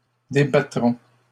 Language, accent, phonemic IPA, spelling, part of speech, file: French, Canada, /de.ba.tʁɔ̃/, débattrons, verb, LL-Q150 (fra)-débattrons.wav
- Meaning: first-person plural future of débattre